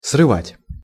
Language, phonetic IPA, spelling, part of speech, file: Russian, [srɨˈvatʲ], срывать, verb, Ru-срывать.ogg
- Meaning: 1. to pick, to pluck (flowers or fruits) 2. to tear off 3. to ruin, to destroy, to frustrate, to derange (e.g. a plan, work) 4. to wrench off (thread) 5. to vent (upon)